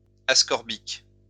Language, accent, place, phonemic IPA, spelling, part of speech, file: French, France, Lyon, /as.kɔʁ.bik/, ascorbique, adjective, LL-Q150 (fra)-ascorbique.wav
- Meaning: ascorbic